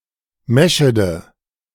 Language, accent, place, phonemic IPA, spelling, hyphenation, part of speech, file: German, Germany, Berlin, /ˈmɛ.ʃə.də/, Meschede, Me‧sche‧de, proper noun, De-Meschede.ogg
- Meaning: Meschede (a town and administrative seat of Hochsauerlandkreis district, North Rhine-Westphalia, Germany)